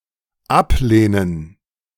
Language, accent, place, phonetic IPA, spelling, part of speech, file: German, Germany, Berlin, [ˈapˌleːnən], Ablehnen, noun, De-Ablehnen.ogg
- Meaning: gerund of ablehnen